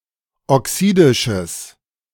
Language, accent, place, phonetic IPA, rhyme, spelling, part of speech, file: German, Germany, Berlin, [ɔˈksiːdɪʃəs], -iːdɪʃəs, oxidisches, adjective, De-oxidisches.ogg
- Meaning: strong/mixed nominative/accusative neuter singular of oxidisch